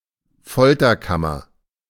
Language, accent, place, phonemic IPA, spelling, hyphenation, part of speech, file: German, Germany, Berlin, /ˈfɔltɐˌkamɐ/, Folterkammer, Fol‧ter‧kam‧mer, noun, De-Folterkammer.ogg
- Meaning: torture chamber